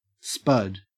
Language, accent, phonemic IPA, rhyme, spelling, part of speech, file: English, Australia, /spʌd/, -ʌd, spud, noun / verb / proper noun, En-au-spud.ogg
- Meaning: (noun) 1. A potato 2. A hole in a sock 3. A type of short nut (fastener) threaded on both ends 4. Anything short and thick 5. A piece of dough boiled in fat 6. A testicle 7. A dagger